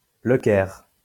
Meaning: 1. Cairo (the capital city of Egypt) 2. Cairo (a governorate of Egypt)
- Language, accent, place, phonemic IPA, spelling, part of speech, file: French, France, Lyon, /lə kɛʁ/, Le Caire, proper noun, LL-Q150 (fra)-Le Caire.wav